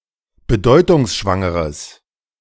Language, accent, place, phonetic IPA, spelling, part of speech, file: German, Germany, Berlin, [bəˈdɔɪ̯tʊŋsʃvaŋəʁəs], bedeutungsschwangeres, adjective, De-bedeutungsschwangeres.ogg
- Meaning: strong/mixed nominative/accusative neuter singular of bedeutungsschwanger